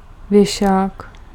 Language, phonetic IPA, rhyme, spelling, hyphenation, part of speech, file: Czech, [ˈvjɛʃaːk], -ɛʃaːk, věšák, vě‧šák, noun, Cs-věšák.ogg
- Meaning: coat rack